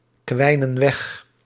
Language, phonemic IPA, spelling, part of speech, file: Dutch, /ˈkwɛinə(n) ˈwɛx/, kwijnen weg, verb, Nl-kwijnen weg.ogg
- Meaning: inflection of wegkwijnen: 1. plural present indicative 2. plural present subjunctive